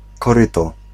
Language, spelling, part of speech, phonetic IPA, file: Polish, koryto, noun, [kɔˈrɨtɔ], Pl-koryto.ogg